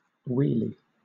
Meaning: A kind of trap or snare for fish, made of twigs
- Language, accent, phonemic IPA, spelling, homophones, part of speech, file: English, Southern England, /ˈwiːli/, weely, wheelie, noun, LL-Q1860 (eng)-weely.wav